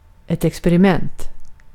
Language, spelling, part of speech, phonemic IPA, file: Swedish, experiment, noun, /ɛksp(ɛ)rɪˈmɛnt/, Sv-experiment.ogg
- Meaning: experiment